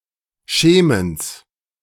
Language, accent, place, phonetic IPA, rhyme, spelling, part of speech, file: German, Germany, Berlin, [ˈʃeːməns], -eːməns, Schemens, noun, De-Schemens.ogg
- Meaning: genitive singular of Schemen